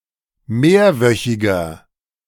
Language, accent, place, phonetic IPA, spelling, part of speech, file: German, Germany, Berlin, [ˈmeːɐ̯ˌvœçɪɡɐ], mehrwöchiger, adjective, De-mehrwöchiger.ogg
- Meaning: inflection of mehrwöchig: 1. strong/mixed nominative masculine singular 2. strong genitive/dative feminine singular 3. strong genitive plural